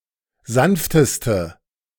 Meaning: inflection of sanft: 1. strong/mixed nominative/accusative feminine singular superlative degree 2. strong nominative/accusative plural superlative degree
- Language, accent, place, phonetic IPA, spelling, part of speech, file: German, Germany, Berlin, [ˈzanftəstə], sanfteste, adjective, De-sanfteste.ogg